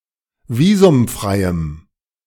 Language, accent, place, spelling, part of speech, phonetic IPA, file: German, Germany, Berlin, visumfreiem, adjective, [ˈviːzʊmˌfʁaɪ̯əm], De-visumfreiem.ogg
- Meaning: strong dative masculine/neuter singular of visumfrei